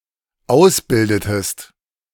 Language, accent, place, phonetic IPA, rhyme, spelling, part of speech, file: German, Germany, Berlin, [ˈaʊ̯sˌbɪldətəst], -aʊ̯sbɪldətəst, ausbildetest, verb, De-ausbildetest.ogg
- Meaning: inflection of ausbilden: 1. second-person singular dependent preterite 2. second-person singular dependent subjunctive II